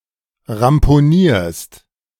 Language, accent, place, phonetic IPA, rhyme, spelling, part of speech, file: German, Germany, Berlin, [ʁampoˈniːɐ̯st], -iːɐ̯st, ramponierst, verb, De-ramponierst.ogg
- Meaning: second-person singular present of ramponieren